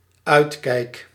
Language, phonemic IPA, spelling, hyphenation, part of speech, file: Dutch, /ˈœy̯t.kɛi̯k/, uitkijk, uit‧kijk, noun / verb, Nl-uitkijk.ogg
- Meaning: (noun) 1. lookout (place from where one watches) 2. watch, lookout (act or duty of watching, being on the lookout) 3. watch (one who keeps watch)